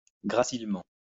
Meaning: slenderly
- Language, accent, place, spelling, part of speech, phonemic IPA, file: French, France, Lyon, gracilement, adverb, /ɡʁa.sil.mɑ̃/, LL-Q150 (fra)-gracilement.wav